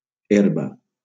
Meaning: 1. herb 2. grass 3. marijuana
- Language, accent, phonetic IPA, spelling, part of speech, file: Catalan, Valencia, [ˈeɾ.ba], herba, noun, LL-Q7026 (cat)-herba.wav